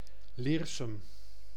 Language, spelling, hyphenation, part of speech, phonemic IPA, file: Dutch, Leersum, Leer‧sum, proper noun, /ˈleːr.sʏm/, Nl-Leersum.ogg
- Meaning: a village and former municipality of Utrechtse Heuvelrug, Utrecht, Netherlands